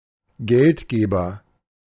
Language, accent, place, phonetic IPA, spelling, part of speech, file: German, Germany, Berlin, [ˈɡɛltˌɡeːbɐ], Geldgeber, noun, De-Geldgeber.ogg
- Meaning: 1. financial backer, sponsor, funder 2. donor (male or of unspecified gender)